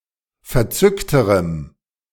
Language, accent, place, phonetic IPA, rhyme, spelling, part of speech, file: German, Germany, Berlin, [fɛɐ̯ˈt͡sʏktəʁəm], -ʏktəʁəm, verzückterem, adjective, De-verzückterem.ogg
- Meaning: strong dative masculine/neuter singular comparative degree of verzückt